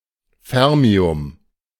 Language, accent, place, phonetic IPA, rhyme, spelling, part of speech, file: German, Germany, Berlin, [ˈfɛʁmiʊm], -ɛʁmiʊm, Fermium, noun, De-Fermium.ogg
- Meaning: fermium